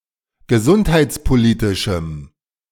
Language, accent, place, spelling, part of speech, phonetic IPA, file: German, Germany, Berlin, gesundheitspolitischem, adjective, [ɡəˈzʊnthaɪ̯t͡spoˌliːtɪʃm̩], De-gesundheitspolitischem.ogg
- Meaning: strong dative masculine/neuter singular of gesundheitspolitisch